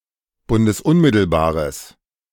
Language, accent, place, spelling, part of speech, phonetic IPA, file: German, Germany, Berlin, bundesunmittelbares, adjective, [ˌbʊndəsˈʊnmɪtl̩baːʁəs], De-bundesunmittelbares.ogg
- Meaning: strong/mixed nominative/accusative neuter singular of bundesunmittelbar